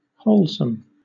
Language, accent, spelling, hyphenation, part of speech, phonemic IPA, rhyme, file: English, Southern England, wholesome, whole‧some, adjective, /ˈhəʊl.səm/, -əʊlsəm, LL-Q1860 (eng)-wholesome.wav
- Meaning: 1. Promoting good physical health and well-being 2. Promoting moral and mental well-being